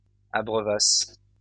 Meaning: third-person plural imperfect subjunctive of abreuver
- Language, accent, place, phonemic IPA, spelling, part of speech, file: French, France, Lyon, /a.bʁœ.vas/, abreuvassent, verb, LL-Q150 (fra)-abreuvassent.wav